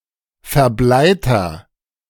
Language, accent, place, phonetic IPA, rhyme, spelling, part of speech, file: German, Germany, Berlin, [fɛɐ̯ˈblaɪ̯tɐ], -aɪ̯tɐ, verbleiter, adjective, De-verbleiter.ogg
- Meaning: inflection of verbleit: 1. strong/mixed nominative masculine singular 2. strong genitive/dative feminine singular 3. strong genitive plural